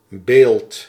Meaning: 1. image 2. statue, sculpture 3. impression, idea
- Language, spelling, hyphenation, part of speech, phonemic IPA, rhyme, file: Dutch, beeld, beeld, noun, /beːlt/, -eːlt, Nl-beeld.ogg